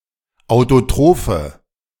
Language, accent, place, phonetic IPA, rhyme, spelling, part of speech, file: German, Germany, Berlin, [aʊ̯toˈtʁoːfə], -oːfə, autotrophe, adjective, De-autotrophe.ogg
- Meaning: inflection of autotroph: 1. strong/mixed nominative/accusative feminine singular 2. strong nominative/accusative plural 3. weak nominative all-gender singular